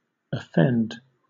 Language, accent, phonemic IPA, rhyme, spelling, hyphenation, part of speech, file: English, Southern England, /əˈfɛnd/, -ɛnd, offend, of‧fend, verb, LL-Q1860 (eng)-offend.wav
- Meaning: 1. To hurt the feelings of; to displease; to make angry; to insult 2. To feel or become offended; to take insult 3. To physically harm, pain 4. To annoy, cause discomfort or resent